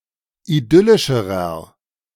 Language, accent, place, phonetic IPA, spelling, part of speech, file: German, Germany, Berlin, [iˈdʏlɪʃəʁɐ], idyllischerer, adjective, De-idyllischerer.ogg
- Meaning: inflection of idyllisch: 1. strong/mixed nominative masculine singular comparative degree 2. strong genitive/dative feminine singular comparative degree 3. strong genitive plural comparative degree